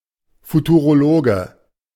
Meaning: futurologist (male or of unspecified gender)
- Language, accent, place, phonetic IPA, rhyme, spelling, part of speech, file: German, Germany, Berlin, [futuʁoˈloːɡə], -oːɡə, Futurologe, noun, De-Futurologe.ogg